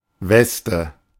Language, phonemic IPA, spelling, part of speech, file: German, /ˈvɛstə/, Weste, noun, De-Weste.oga
- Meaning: waistcoat, vest (usually sleeveless garment worn over a shirt)